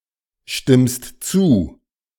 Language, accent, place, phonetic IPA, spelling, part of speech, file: German, Germany, Berlin, [ˌʃtɪmst ˈt͡suː], stimmst zu, verb, De-stimmst zu.ogg
- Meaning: second-person singular present of zustimmen